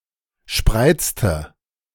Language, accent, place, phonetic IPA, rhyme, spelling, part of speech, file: German, Germany, Berlin, [ˈʃpʁaɪ̯t͡stə], -aɪ̯t͡stə, spreizte, verb, De-spreizte.ogg
- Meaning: inflection of spreizen: 1. first/third-person singular preterite 2. first/third-person singular subjunctive II